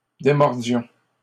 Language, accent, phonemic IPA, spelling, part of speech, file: French, Canada, /de.mɔʁ.djɔ̃/, démordions, verb, LL-Q150 (fra)-démordions.wav
- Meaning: inflection of démordre: 1. first-person plural imperfect indicative 2. first-person plural present subjunctive